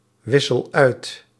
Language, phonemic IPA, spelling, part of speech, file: Dutch, /ˈwɪsəl ˈœyt/, wissel uit, verb, Nl-wissel uit.ogg
- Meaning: inflection of uitwisselen: 1. first-person singular present indicative 2. second-person singular present indicative 3. imperative